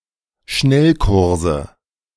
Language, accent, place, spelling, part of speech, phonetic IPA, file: German, Germany, Berlin, Schnellkurse, noun, [ˈʃnɛlˌkʊʁzə], De-Schnellkurse.ogg
- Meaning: 1. nominative/accusative/genitive plural of Schnellkurs 2. dative of Schnellkurs